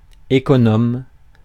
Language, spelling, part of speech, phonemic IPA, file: French, économe, adjective / noun, /e.kɔ.nɔm/, Fr-économe.ogg
- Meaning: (adjective) penny-wise; thrifty; economical; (noun) 1. bursar (treasurer of a university, college or school) 2. vegetable peeler